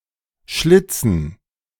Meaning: 1. dative plural of Schlitz 2. gerund of schlitzen
- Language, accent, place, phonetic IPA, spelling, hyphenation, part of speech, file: German, Germany, Berlin, [ˈʃlɪt͡sn̩], Schlitzen, Schlit‧zen, noun, De-Schlitzen.ogg